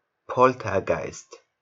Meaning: poltergeist
- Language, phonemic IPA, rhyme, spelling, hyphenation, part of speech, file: German, /ˈpɔltɐˌɡaɪst/, -aɪst, Poltergeist, Pol‧ter‧geist, noun, De-Poltergeist.ogg